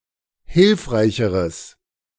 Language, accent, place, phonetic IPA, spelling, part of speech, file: German, Germany, Berlin, [ˈhɪlfʁaɪ̯çəʁəs], hilfreicheres, adjective, De-hilfreicheres.ogg
- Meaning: strong/mixed nominative/accusative neuter singular comparative degree of hilfreich